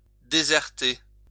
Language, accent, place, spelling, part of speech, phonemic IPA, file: French, France, Lyon, déserter, verb, /de.zɛʁ.te/, LL-Q150 (fra)-déserter.wav
- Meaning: 1. to desert (a place), abandon 2. to desert